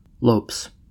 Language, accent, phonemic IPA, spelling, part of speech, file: English, US, /loʊps/, lopes, noun / verb, En-us-lopes.ogg
- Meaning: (noun) plural of lope; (verb) third-person singular simple present indicative of lope